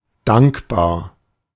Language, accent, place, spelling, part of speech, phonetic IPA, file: German, Germany, Berlin, dankbar, adjective, [ˈdaŋkbaːɐ̯], De-dankbar.ogg
- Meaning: grateful, thankful